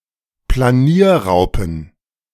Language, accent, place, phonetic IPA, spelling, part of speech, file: German, Germany, Berlin, [plaˈniːɐ̯ˌʁaʊ̯pn̩], Planierraupen, noun, De-Planierraupen.ogg
- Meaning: plural of Planierraupe